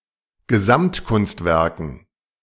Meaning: dative plural of Gesamtkunstwerk
- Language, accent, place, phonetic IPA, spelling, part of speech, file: German, Germany, Berlin, [ɡəˈzamtˌkʊnstvɛʁkn̩], Gesamtkunstwerken, noun, De-Gesamtkunstwerken.ogg